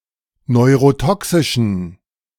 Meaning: inflection of neurotoxisch: 1. strong genitive masculine/neuter singular 2. weak/mixed genitive/dative all-gender singular 3. strong/weak/mixed accusative masculine singular 4. strong dative plural
- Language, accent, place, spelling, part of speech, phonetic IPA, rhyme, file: German, Germany, Berlin, neurotoxischen, adjective, [nɔɪ̯ʁoˈtɔksɪʃn̩], -ɔksɪʃn̩, De-neurotoxischen.ogg